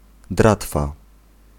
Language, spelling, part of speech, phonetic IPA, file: Polish, dratwa, noun, [ˈdratfa], Pl-dratwa.ogg